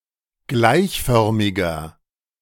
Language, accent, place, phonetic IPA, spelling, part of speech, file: German, Germany, Berlin, [ˈɡlaɪ̯çˌfœʁmɪɡɐ], gleichförmiger, adjective, De-gleichförmiger.ogg
- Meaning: 1. comparative degree of gleichförmig 2. inflection of gleichförmig: strong/mixed nominative masculine singular 3. inflection of gleichförmig: strong genitive/dative feminine singular